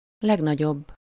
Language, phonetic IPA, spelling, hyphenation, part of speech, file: Hungarian, [ˈlɛɡnɒɟobː], legnagyobb, leg‧na‧gyobb, adjective, Hu-legnagyobb.ogg
- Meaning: superlative degree of nagy